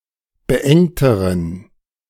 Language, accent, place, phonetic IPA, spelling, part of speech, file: German, Germany, Berlin, [bəˈʔɛŋtəʁən], beengteren, adjective, De-beengteren.ogg
- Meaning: inflection of beengt: 1. strong genitive masculine/neuter singular comparative degree 2. weak/mixed genitive/dative all-gender singular comparative degree